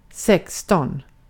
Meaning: sixteen
- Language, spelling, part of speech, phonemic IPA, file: Swedish, sexton, numeral, /ˈsɛksˌtɔn/, Sv-sexton.ogg